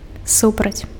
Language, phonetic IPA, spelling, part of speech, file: Belarusian, [ˈsuprat͡sʲ], супраць, preposition, Be-супраць.ogg
- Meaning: against